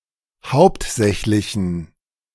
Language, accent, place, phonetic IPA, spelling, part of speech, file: German, Germany, Berlin, [ˈhaʊ̯ptˌzɛçlɪçn̩], hauptsächlichen, adjective, De-hauptsächlichen.ogg
- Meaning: inflection of hauptsächlich: 1. strong genitive masculine/neuter singular 2. weak/mixed genitive/dative all-gender singular 3. strong/weak/mixed accusative masculine singular 4. strong dative plural